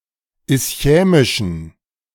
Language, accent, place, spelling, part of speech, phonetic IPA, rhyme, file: German, Germany, Berlin, ischämischen, adjective, [ɪsˈçɛːmɪʃn̩], -ɛːmɪʃn̩, De-ischämischen.ogg
- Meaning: inflection of ischämisch: 1. strong genitive masculine/neuter singular 2. weak/mixed genitive/dative all-gender singular 3. strong/weak/mixed accusative masculine singular 4. strong dative plural